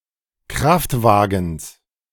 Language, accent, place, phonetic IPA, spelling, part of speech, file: German, Germany, Berlin, [ˈkʁaftˌvaːɡn̩s], Kraftwagens, noun, De-Kraftwagens.ogg
- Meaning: genitive singular of Kraftwagen